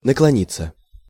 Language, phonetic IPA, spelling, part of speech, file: Russian, [nəkɫɐˈnʲit͡sːə], наклониться, verb, Ru-наклониться.ogg
- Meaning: 1. to bend, to stoop 2. passive of наклони́ть (naklonítʹ)